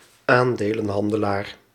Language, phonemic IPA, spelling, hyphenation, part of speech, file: Dutch, /ˈaːn.deː.lə(n)ˌɦɑn.də.laːr/, aandelenhandelaar, aan‧de‧len‧han‧de‧laar, noun, Nl-aandelenhandelaar.ogg
- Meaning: stockbroker